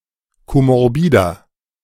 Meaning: inflection of komorbid: 1. strong/mixed nominative masculine singular 2. strong genitive/dative feminine singular 3. strong genitive plural
- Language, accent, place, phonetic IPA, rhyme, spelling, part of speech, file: German, Germany, Berlin, [ˌkomɔʁˈbiːdɐ], -iːdɐ, komorbider, adjective, De-komorbider.ogg